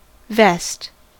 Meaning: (noun) A sleeveless garment that buttons down the front, worn over a shirt, and often as part of a suit; a waistcoat
- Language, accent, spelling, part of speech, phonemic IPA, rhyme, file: English, US, vest, noun / verb, /vɛst/, -ɛst, En-us-vest.ogg